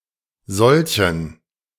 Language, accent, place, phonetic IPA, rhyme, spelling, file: German, Germany, Berlin, [ˈzɔlçn̩], -ɔlçn̩, solchen, De-solchen.ogg
- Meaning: inflection of solch: 1. strong genitive masculine/neuter singular 2. weak/mixed genitive/dative all-gender singular 3. strong/weak/mixed accusative masculine singular 4. strong dative plural